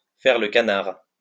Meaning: to suck up to; flatter too much
- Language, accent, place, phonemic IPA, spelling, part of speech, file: French, France, Lyon, /fɛʁ lə ka.naʁ/, faire le canard, verb, LL-Q150 (fra)-faire le canard.wav